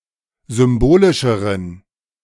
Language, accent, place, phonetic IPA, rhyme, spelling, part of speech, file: German, Germany, Berlin, [ˌzʏmˈboːlɪʃəʁən], -oːlɪʃəʁən, symbolischeren, adjective, De-symbolischeren.ogg
- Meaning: inflection of symbolisch: 1. strong genitive masculine/neuter singular comparative degree 2. weak/mixed genitive/dative all-gender singular comparative degree